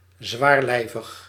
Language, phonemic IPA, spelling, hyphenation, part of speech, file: Dutch, /ˌzʋaːrˈlɛi̯.vəx/, zwaarlijvig, zwaar‧lij‧vig, adjective, Nl-zwaarlijvig.ogg
- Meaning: obese